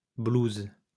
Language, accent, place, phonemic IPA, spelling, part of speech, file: French, France, Lyon, /bluz/, blouses, noun / verb, LL-Q150 (fra)-blouses.wav
- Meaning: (noun) plural of blouse; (verb) second-person singular present indicative/subjunctive of blouser